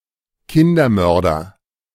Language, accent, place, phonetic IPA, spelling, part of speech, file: German, Germany, Berlin, [ˈkɪndɐˌmœʁdɐ], Kindermörder, noun, De-Kindermörder.ogg
- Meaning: child murderer